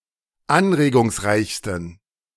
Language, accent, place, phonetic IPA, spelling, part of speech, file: German, Germany, Berlin, [ˈanʁeːɡʊŋsˌʁaɪ̯çstn̩], anregungsreichsten, adjective, De-anregungsreichsten.ogg
- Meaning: 1. superlative degree of anregungsreich 2. inflection of anregungsreich: strong genitive masculine/neuter singular superlative degree